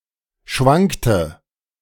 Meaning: inflection of schwanken: 1. first/third-person singular preterite 2. first/third-person singular subjunctive II
- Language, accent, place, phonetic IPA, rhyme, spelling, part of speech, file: German, Germany, Berlin, [ˈʃvaŋktə], -aŋktə, schwankte, verb, De-schwankte.ogg